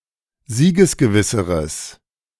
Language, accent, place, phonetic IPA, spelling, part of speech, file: German, Germany, Berlin, [ˈziːɡəsɡəˌvɪsəʁəs], siegesgewisseres, adjective, De-siegesgewisseres.ogg
- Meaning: strong/mixed nominative/accusative neuter singular comparative degree of siegesgewiss